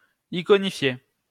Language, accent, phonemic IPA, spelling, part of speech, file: French, France, /i.kɔ.ni.fje/, iconifier, verb, LL-Q150 (fra)-iconifier.wav
- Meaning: iconify